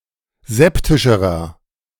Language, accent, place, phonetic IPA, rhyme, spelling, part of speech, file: German, Germany, Berlin, [ˈzɛptɪʃəʁɐ], -ɛptɪʃəʁɐ, septischerer, adjective, De-septischerer.ogg
- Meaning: inflection of septisch: 1. strong/mixed nominative masculine singular comparative degree 2. strong genitive/dative feminine singular comparative degree 3. strong genitive plural comparative degree